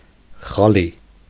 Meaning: carpet
- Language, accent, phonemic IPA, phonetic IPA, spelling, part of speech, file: Armenian, Eastern Armenian, /χɑˈli/, [χɑlí], խալի, noun, Hy-խալի.ogg